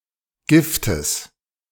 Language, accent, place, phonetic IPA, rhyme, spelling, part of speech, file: German, Germany, Berlin, [ˈɡɪftəs], -ɪftəs, Giftes, noun, De-Giftes.ogg
- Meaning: genitive singular of Gift